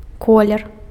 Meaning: colour, color
- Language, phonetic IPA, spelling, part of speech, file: Belarusian, [ˈkolʲer], колер, noun, Be-колер.ogg